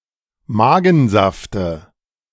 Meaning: dative singular of Magensaft
- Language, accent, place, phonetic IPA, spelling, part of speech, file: German, Germany, Berlin, [ˈmaːɡn̩ˌzaftə], Magensafte, noun, De-Magensafte.ogg